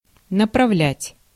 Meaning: 1. to direct 2. to turn, to aim, to level, to point 3. to refer, to send, to assign, to detach 4. to sharpen
- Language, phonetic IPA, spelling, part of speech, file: Russian, [nəprɐˈvlʲætʲ], направлять, verb, Ru-направлять.ogg